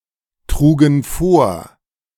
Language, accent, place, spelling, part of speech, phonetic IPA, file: German, Germany, Berlin, trugen vor, verb, [ˌtʁuːɡn̩ ˈfoːɐ̯], De-trugen vor.ogg
- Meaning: first/third-person plural preterite of vortragen